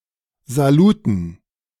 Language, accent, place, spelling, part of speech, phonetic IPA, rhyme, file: German, Germany, Berlin, Saluten, noun, [zaˈluːtn̩], -uːtn̩, De-Saluten.ogg
- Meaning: dative plural of Salut